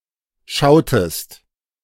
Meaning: inflection of schauen: 1. second-person singular preterite 2. second-person singular subjunctive II
- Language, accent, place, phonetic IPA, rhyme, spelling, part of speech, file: German, Germany, Berlin, [ˈʃaʊ̯təst], -aʊ̯təst, schautest, verb, De-schautest.ogg